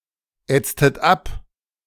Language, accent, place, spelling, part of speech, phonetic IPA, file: German, Germany, Berlin, ätztet ab, verb, [ˌɛt͡stət ˈap], De-ätztet ab.ogg
- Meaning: inflection of abätzen: 1. second-person plural preterite 2. second-person plural subjunctive II